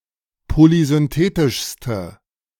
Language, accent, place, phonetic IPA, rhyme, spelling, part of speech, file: German, Germany, Berlin, [polizʏnˈteːtɪʃstə], -eːtɪʃstə, polysynthetischste, adjective, De-polysynthetischste.ogg
- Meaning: inflection of polysynthetisch: 1. strong/mixed nominative/accusative feminine singular superlative degree 2. strong nominative/accusative plural superlative degree